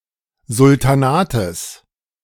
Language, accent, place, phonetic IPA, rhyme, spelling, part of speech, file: German, Germany, Berlin, [zʊltaˈnaːtəs], -aːtəs, Sultanates, noun, De-Sultanates.ogg
- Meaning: genitive singular of Sultan